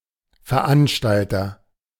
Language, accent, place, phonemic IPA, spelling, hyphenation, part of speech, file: German, Germany, Berlin, /fɛɐ̯ˈʔanʃtaltɐ/, Veranstalter, Ver‧an‧stal‧ter, noun, De-Veranstalter.ogg
- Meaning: host, organizer (of an event)